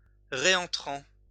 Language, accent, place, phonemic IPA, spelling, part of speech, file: French, France, Lyon, /ʁe.ɑ̃.tʁɑ̃/, réentrant, adjective, LL-Q150 (fra)-réentrant.wav
- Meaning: reentrant (all senses)